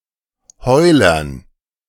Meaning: dative plural of Heuler
- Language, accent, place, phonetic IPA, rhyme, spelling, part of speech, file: German, Germany, Berlin, [ˈhɔɪ̯lɐn], -ɔɪ̯lɐn, Heulern, noun, De-Heulern.ogg